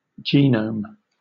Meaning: The complete genetic information (either DNA or, in some viruses, RNA) of an organism
- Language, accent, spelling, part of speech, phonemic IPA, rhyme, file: English, Southern England, genome, noun, /ˈd͡ʒiː.nəʊm/, -əʊm, LL-Q1860 (eng)-genome.wav